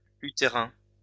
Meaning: 1. uterus; uterine 2. uterine (born of the same mother but of a different father)
- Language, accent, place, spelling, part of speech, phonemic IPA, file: French, France, Lyon, utérin, adjective, /y.te.ʁɛ̃/, LL-Q150 (fra)-utérin.wav